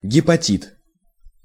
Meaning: hepatitis
- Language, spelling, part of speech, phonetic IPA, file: Russian, гепатит, noun, [ɡʲɪpɐˈtʲit], Ru-гепатит.ogg